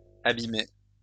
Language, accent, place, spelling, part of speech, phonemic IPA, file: French, France, Lyon, abîmée, verb, /a.bi.me/, LL-Q150 (fra)-abîmée.wav
- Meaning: feminine singular of abîmé